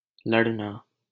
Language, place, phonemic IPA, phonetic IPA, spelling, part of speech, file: Hindi, Delhi, /ləɽ.nɑː/, [lɐɽ.näː], लड़ना, verb, LL-Q1568 (hin)-लड़ना.wav
- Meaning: 1. to fight 2. to argue